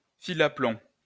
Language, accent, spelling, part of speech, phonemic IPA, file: French, France, fil à plomb, noun, /fi.l‿a plɔ̃/, LL-Q150 (fra)-fil à plomb.wav
- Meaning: plumb line